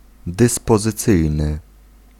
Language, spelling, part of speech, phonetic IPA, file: Polish, dyspozycyjny, adjective, [ˌdɨspɔzɨˈt͡sɨjnɨ], Pl-dyspozycyjny.ogg